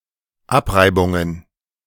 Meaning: plural of Abreibung
- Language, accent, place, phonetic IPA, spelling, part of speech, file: German, Germany, Berlin, [ˈapˌʁaɪ̯bʊŋən], Abreibungen, noun, De-Abreibungen.ogg